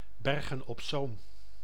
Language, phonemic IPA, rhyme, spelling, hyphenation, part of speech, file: Dutch, /ˌbɛrɣə(n)ɔp ˈsoːm/, -oːm, Bergen op Zoom, Ber‧gen op Zoom, proper noun, Nl-Bergen op Zoom.ogg
- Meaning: Bergen op Zoom (a city and municipality of North Brabant, Netherlands)